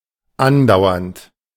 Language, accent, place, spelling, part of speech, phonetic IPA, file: German, Germany, Berlin, andauernd, adjective / verb, [ˈanˌdaʊ̯ɐnt], De-andauernd.ogg
- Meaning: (verb) present participle of andauern; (adjective) constant, incessant (occuring very often, not necessarily a strictly ongoing activity)